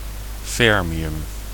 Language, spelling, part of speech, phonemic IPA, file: Dutch, fermium, noun, /ˈfɛrmiˌjʏm/, Nl-fermium.ogg
- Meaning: fermium